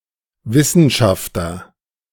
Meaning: 1. scientist (male or of unspecified gender) 2. scholar, researcher, academic (male or of unspecified gender)
- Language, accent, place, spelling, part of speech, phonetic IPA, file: German, Germany, Berlin, Wissenschafter, noun, [ˈvɪsn̩ˌʃaftɐ], De-Wissenschafter.ogg